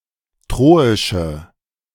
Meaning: inflection of troisch: 1. strong/mixed nominative/accusative feminine singular 2. strong nominative/accusative plural 3. weak nominative all-gender singular 4. weak accusative feminine/neuter singular
- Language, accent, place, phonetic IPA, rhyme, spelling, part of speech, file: German, Germany, Berlin, [ˈtʁoːɪʃə], -oːɪʃə, troische, adjective, De-troische.ogg